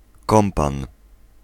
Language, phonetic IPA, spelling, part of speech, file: Polish, [ˈkɔ̃mpãn], kompan, noun, Pl-kompan.ogg